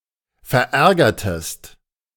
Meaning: inflection of verärgern: 1. second-person singular preterite 2. second-person singular subjunctive II
- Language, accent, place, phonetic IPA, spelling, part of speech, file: German, Germany, Berlin, [fɛɐ̯ˈʔɛʁɡɐtəst], verärgertest, verb, De-verärgertest.ogg